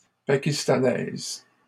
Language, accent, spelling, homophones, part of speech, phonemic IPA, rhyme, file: French, Canada, pakistanaise, pakistanaises, adjective, /pa.kis.ta.nɛz/, -ɛz, LL-Q150 (fra)-pakistanaise.wav
- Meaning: feminine singular of pakistanais